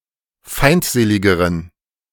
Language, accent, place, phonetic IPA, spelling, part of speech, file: German, Germany, Berlin, [ˈfaɪ̯ntˌzeːlɪɡəʁən], feindseligeren, adjective, De-feindseligeren.ogg
- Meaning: inflection of feindselig: 1. strong genitive masculine/neuter singular comparative degree 2. weak/mixed genitive/dative all-gender singular comparative degree